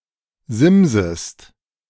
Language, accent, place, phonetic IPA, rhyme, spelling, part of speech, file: German, Germany, Berlin, [ˈzɪmzəst], -ɪmzəst, simsest, verb, De-simsest.ogg
- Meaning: second-person singular subjunctive I of simsen